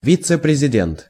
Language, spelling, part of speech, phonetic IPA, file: Russian, вице-президент, noun, [ˌvʲit͡sɨ prʲɪzʲɪˈdʲent], Ru-вице-президент.ogg
- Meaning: vice president